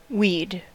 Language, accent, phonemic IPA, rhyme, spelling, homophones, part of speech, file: English, US, /wiːd/, -iːd, weed, we'd / ouid, noun / verb, En-us-weed.ogg
- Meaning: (noun) 1. Any plant unwanted at the place where and at the time when it is growing 2. Ellipsis of duckweed 3. Underbrush; low shrubs